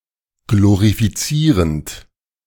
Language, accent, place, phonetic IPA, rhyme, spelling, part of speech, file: German, Germany, Berlin, [ˌɡloʁifiˈt͡siːʁənt], -iːʁənt, glorifizierend, verb, De-glorifizierend.ogg
- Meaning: present participle of glorifizieren